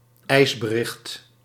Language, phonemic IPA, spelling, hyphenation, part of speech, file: Dutch, /ˈɛi̯s.bəˌrɪxt/, ijsbericht, ijs‧be‧richt, noun, Nl-ijsbericht.ogg
- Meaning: ice report, ice message (report about ice forecasts)